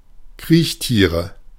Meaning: nominative/accusative/genitive plural of Kriechtier
- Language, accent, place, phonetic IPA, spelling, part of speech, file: German, Germany, Berlin, [ˈkʁiːçˌtiːʁə], Kriechtiere, noun, De-Kriechtiere.ogg